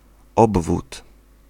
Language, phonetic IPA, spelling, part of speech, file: Polish, [ˈɔbvut], obwód, noun, Pl-obwód.ogg